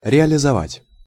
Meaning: 1. to realize, to bring about, to see fulfilled 2. to sell, to convert into cash
- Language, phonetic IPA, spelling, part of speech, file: Russian, [rʲɪəlʲɪzɐˈvatʲ], реализовать, verb, Ru-реализовать.ogg